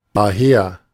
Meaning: 1. from there, thence 2. therefore; because of that; hence; thus 3. along
- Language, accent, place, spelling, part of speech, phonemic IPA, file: German, Germany, Berlin, daher, adverb, /ˈdaːheːɐ̯/, De-daher.ogg